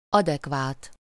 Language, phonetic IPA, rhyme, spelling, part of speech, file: Hungarian, [ˈɒdɛkvaːt], -aːt, adekvát, adjective, Hu-adekvát.ogg
- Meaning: adequate